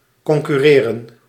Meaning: 1. to compete 2. to correspond, to accord, to coincide
- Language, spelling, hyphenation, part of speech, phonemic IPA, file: Dutch, concurreren, con‧cur‧re‧ren, verb, /ˌkɔŋkʏˈreːrə(n)/, Nl-concurreren.ogg